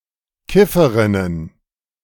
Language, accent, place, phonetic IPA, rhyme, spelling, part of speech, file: German, Germany, Berlin, [ˈkɪfəʁɪnən], -ɪfəʁɪnən, Kifferinnen, noun, De-Kifferinnen.ogg
- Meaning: plural of Kifferin